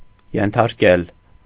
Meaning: 1. to subjugate, to subdue, to subject to 2. to subject to, to expose to 3. to conquer, to rule over, to master
- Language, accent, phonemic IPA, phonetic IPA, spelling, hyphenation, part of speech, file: Armenian, Eastern Armenian, /jentʰɑɾˈkel/, [jentʰɑɾkél], ենթարկել, են‧թար‧կել, verb, Hy-ենթարկել.ogg